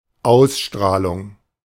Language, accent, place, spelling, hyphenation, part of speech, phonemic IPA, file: German, Germany, Berlin, Ausstrahlung, Aus‧strah‧lung, noun, /ˈaʊ̯sˌʃtʁaːlʊŋ/, De-Ausstrahlung.ogg
- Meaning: 1. broadcast 2. emission, radiance 3. charm, charisma, vibes